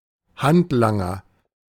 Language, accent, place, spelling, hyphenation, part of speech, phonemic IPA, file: German, Germany, Berlin, Handlanger, Hand‧lan‧ger, noun, /ˈhantlaŋɐ/, De-Handlanger.ogg
- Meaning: 1. a handyman 2. a henchman